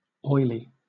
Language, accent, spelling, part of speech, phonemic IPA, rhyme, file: English, Southern England, oily, adjective / noun, /ˈɔɪli/, -ɔɪli, LL-Q1860 (eng)-oily.wav
- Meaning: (adjective) 1. Covered with or containing oil 2. Resembling oil 3. Excessively friendly or polite but insincere; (noun) 1. A marble with an oily lustre 2. Oilskins. (waterproof garment)